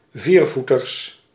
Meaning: plural of viervoeter
- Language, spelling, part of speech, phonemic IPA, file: Dutch, viervoeters, noun, /ˈvirvutərs/, Nl-viervoeters.ogg